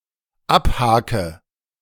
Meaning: inflection of abhaken: 1. first-person singular dependent present 2. first/third-person singular dependent subjunctive I
- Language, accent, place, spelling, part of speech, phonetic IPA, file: German, Germany, Berlin, abhake, verb, [ˈapˌhaːkə], De-abhake.ogg